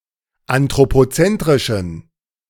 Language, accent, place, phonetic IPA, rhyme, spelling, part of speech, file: German, Germany, Berlin, [antʁopoˈt͡sɛntʁɪʃn̩], -ɛntʁɪʃn̩, anthropozentrischen, adjective, De-anthropozentrischen.ogg
- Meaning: inflection of anthropozentrisch: 1. strong genitive masculine/neuter singular 2. weak/mixed genitive/dative all-gender singular 3. strong/weak/mixed accusative masculine singular